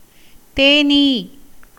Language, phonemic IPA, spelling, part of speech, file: Tamil, /t̪eːniː/, தேனீ, noun, Ta-தேனீ.ogg
- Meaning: honeybee (insect)